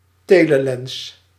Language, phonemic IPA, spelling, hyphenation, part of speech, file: Dutch, /ˈteː.ləˌlɛns/, telelens, te‧le‧lens, noun, Nl-telelens.ogg
- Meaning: telephoto lens, telelens